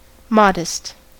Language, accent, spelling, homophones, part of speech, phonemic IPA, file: English, US, modest, Mahdist, adjective, /ˈmɑdəst/, En-us-modest.ogg
- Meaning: 1. Not bragging or boasting about oneself or one's achievements; unpretentious, humble 2. Small, moderate in size 3. Pure and delicate from a sense of propriety